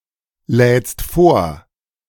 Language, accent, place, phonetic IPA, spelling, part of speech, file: German, Germany, Berlin, [ˌlɛːt͡st ˈfoːɐ̯], lädst vor, verb, De-lädst vor.ogg
- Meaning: second-person singular present of vorladen